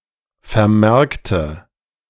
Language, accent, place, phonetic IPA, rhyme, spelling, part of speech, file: German, Germany, Berlin, [fɛɐ̯ˈmɛʁktə], -ɛʁktə, vermerkte, adjective / verb, De-vermerkte.ogg
- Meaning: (verb) inflection of vermerkt: 1. strong/mixed nominative/accusative feminine singular 2. strong nominative/accusative plural 3. weak nominative all-gender singular